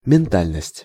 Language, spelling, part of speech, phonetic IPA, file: Russian, ментальность, noun, [mʲɪnˈtalʲnəsʲtʲ], Ru-ментальность.ogg
- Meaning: mentality